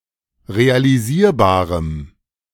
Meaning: strong dative masculine/neuter singular of realisierbar
- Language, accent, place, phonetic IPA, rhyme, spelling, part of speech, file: German, Germany, Berlin, [ʁealiˈziːɐ̯baːʁəm], -iːɐ̯baːʁəm, realisierbarem, adjective, De-realisierbarem.ogg